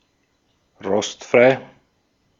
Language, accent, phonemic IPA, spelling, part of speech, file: German, Austria, /ˈʁɔstˌfʁaɪ̯/, rostfrei, adjective, De-at-rostfrei.ogg
- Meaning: stainless